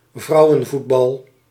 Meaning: women's football
- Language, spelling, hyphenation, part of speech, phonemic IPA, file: Dutch, vrouwenvoetbal, vrou‧wen‧voet‧bal, noun, /ˈvrɑu̯.ə(n)ˌvut.bɑl/, Nl-vrouwenvoetbal.ogg